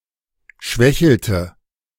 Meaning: inflection of schwächeln: 1. first/third-person singular preterite 2. first/third-person singular subjunctive II
- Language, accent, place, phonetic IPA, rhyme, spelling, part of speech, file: German, Germany, Berlin, [ˈʃvɛçl̩tə], -ɛçl̩tə, schwächelte, verb, De-schwächelte.ogg